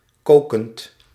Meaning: present participle of koken
- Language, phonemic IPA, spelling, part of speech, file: Dutch, /ˈkokənt/, kokend, verb / adjective, Nl-kokend.ogg